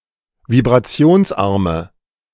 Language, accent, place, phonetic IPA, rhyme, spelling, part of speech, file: German, Germany, Berlin, [vibʁaˈt͡si̯oːnsˌʔaʁmə], -oːnsʔaʁmə, vibrationsarme, adjective, De-vibrationsarme.ogg
- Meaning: inflection of vibrationsarm: 1. strong/mixed nominative/accusative feminine singular 2. strong nominative/accusative plural 3. weak nominative all-gender singular